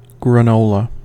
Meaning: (noun) 1. A breakfast and snack food consisting of loose, crispy pellets made of nuts, rolled oats, honey and other natural ingredients 2. Ellipsis of crunchy granola
- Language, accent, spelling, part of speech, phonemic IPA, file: English, US, granola, noun / adjective, /ɡɹəˈnoʊlə/, En-us-granola.ogg